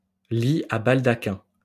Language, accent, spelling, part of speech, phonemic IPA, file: French, France, lit à baldaquin, noun, /li a bal.da.kɛ̃/, LL-Q150 (fra)-lit à baldaquin.wav
- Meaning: canopy bed (a bed equipped with a canopy)